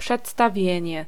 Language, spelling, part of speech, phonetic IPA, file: Polish, przedstawienie, noun, [ˌpʃɛtstaˈvʲjɛ̇̃ɲɛ], Pl-przedstawienie.ogg